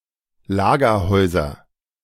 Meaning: nominative/accusative/genitive plural of Lagerhaus
- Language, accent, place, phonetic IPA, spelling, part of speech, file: German, Germany, Berlin, [ˈlaːɡɐˌhɔɪ̯zɐ], Lagerhäuser, noun, De-Lagerhäuser.ogg